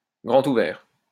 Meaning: wide open
- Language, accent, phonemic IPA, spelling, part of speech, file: French, France, /ɡʁɑ̃.t‿u.vɛʁ/, grand ouvert, adjective, LL-Q150 (fra)-grand ouvert.wav